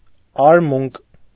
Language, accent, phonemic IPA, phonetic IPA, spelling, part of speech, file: Armenian, Eastern Armenian, /ɑɾˈmunk/, [ɑɾmúŋk], արմունկ, noun, Hy-արմունկ.ogg
- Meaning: elbow